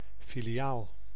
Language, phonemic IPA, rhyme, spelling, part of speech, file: Dutch, /filiaːl/, -aːl, filiaal, noun, Nl-filiaal.ogg
- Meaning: branch, as a location of an organization with several locations